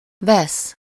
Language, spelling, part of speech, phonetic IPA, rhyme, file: Hungarian, vesz, verb, [ˈvɛs], -ɛs, Hu-vesz.ogg
- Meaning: 1. to take, grab (out of some food etc.: -ból/-ből) 2. to get, take, obtain 3. to buy (optionally: from someone: -tól/-től, for someone: -nak/-nek) 4. to take (classes)